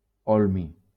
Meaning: holmium
- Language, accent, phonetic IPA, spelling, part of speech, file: Catalan, Valencia, [ˈɔl.mi], holmi, noun, LL-Q7026 (cat)-holmi.wav